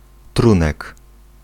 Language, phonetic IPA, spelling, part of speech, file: Polish, [ˈtrũnɛk], trunek, noun, Pl-trunek.ogg